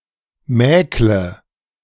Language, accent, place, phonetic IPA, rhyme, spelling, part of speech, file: German, Germany, Berlin, [ˈmɛːklə], -ɛːklə, mäkle, verb, De-mäkle.ogg
- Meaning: inflection of mäkeln: 1. first-person singular present 2. first/third-person singular subjunctive I 3. singular imperative